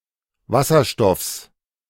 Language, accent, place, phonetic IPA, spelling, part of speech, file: German, Germany, Berlin, [ˈvasɐˌʃtɔfs], Wasserstoffs, noun, De-Wasserstoffs.ogg
- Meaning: genitive singular of Wasserstoff